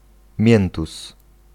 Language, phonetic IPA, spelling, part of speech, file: Polish, [ˈmʲjɛ̃ntus], miętus, noun, Pl-miętus.ogg